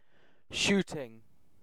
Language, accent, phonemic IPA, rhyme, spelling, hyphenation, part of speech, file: English, UK, /ˈʃuːtɪŋ/, -uːtɪŋ, shooting, shoot‧ing, adjective / noun / verb, En-uk-shooting.ogg
- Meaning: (adjective) 1. Moving or growing quickly 2. Of a pain, sudden and darting; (noun) 1. an instance of shooting with a gun or other weapon 2. the sport or activity of firing a gun or other weapon